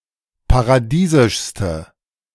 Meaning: inflection of paradiesisch: 1. strong/mixed nominative/accusative feminine singular superlative degree 2. strong nominative/accusative plural superlative degree
- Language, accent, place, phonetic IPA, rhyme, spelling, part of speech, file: German, Germany, Berlin, [paʁaˈdiːzɪʃstə], -iːzɪʃstə, paradiesischste, adjective, De-paradiesischste.ogg